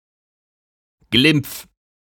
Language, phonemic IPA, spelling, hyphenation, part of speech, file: German, /ɡlɪmp͡f/, Glimpf, Glimpf, noun, De-Glimpf.ogg
- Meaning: leniency